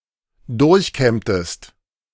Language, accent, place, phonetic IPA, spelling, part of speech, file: German, Germany, Berlin, [ˈdʊʁçˌkɛmtəst], durchkämmtest, verb, De-durchkämmtest.ogg
- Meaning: inflection of durchkämmen: 1. second-person singular preterite 2. second-person singular subjunctive II